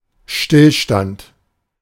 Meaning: standstill
- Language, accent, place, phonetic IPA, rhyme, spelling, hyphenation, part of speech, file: German, Germany, Berlin, [ˈʃtɪlʃtant], -ant, Stillstand, Still‧stand, noun, De-Stillstand.ogg